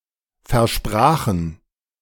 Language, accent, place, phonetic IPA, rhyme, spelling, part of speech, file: German, Germany, Berlin, [fɛɐ̯ˈʃpʁaːxn̩], -aːxn̩, versprachen, verb, De-versprachen.ogg
- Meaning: first/third-person plural preterite of versprechen